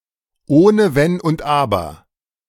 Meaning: with no ifs, ands, or buts
- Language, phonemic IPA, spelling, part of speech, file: German, /ˈoːnə vɛn ʊnt ˈaːbɐ/, ohne Wenn und Aber, prepositional phrase, De-ohne wenn und aber.ogg